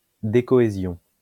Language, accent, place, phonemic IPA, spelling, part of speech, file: French, France, Lyon, /de.kɔ.e.zjɔ̃/, décohésion, noun, LL-Q150 (fra)-décohésion.wav
- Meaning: decohesion